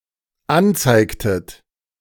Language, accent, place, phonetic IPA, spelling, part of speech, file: German, Germany, Berlin, [ˈanˌt͡saɪ̯ktət], anzeigtet, verb, De-anzeigtet.ogg
- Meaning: inflection of anzeigen: 1. second-person plural dependent preterite 2. second-person plural dependent subjunctive II